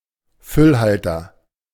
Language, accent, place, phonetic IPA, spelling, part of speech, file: German, Germany, Berlin, [ˈfʏlˌhaltɐ], Füllhalter, noun, De-Füllhalter.ogg
- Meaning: fountain pen